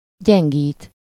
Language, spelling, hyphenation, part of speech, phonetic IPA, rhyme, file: Hungarian, gyengít, gyen‧gít, verb, [ˈɟɛŋɡiːt], -iːt, Hu-gyengít.ogg
- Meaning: to weaken, enervate